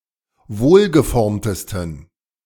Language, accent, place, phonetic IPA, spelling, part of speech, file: German, Germany, Berlin, [ˈvoːlɡəˌfɔʁmtəstn̩], wohlgeformtesten, adjective, De-wohlgeformtesten.ogg
- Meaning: 1. superlative degree of wohlgeformt 2. inflection of wohlgeformt: strong genitive masculine/neuter singular superlative degree